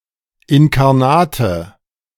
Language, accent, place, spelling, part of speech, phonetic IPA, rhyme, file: German, Germany, Berlin, inkarnate, adjective, [ɪnkaʁˈnaːtə], -aːtə, De-inkarnate.ogg
- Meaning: inflection of inkarnat: 1. strong/mixed nominative/accusative feminine singular 2. strong nominative/accusative plural 3. weak nominative all-gender singular